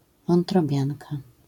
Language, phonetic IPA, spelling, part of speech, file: Polish, [ˌvɔ̃ntrɔˈbʲjãnka], wątrobianka, noun, LL-Q809 (pol)-wątrobianka.wav